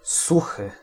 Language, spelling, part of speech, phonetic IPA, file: Polish, suchy, adjective, [ˈsuxɨ], Pl-suchy.ogg